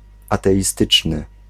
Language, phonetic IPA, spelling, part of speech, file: Polish, [ˌatɛʲiˈstɨt͡ʃnɨ], ateistyczny, adjective, Pl-ateistyczny.ogg